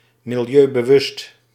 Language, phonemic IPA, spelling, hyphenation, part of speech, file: Dutch, /mɪlˌjøː.bəˈʋʏst/, milieubewust, mi‧li‧eu‧be‧wust, adjective, Nl-milieubewust.ogg
- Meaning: environmentally conscious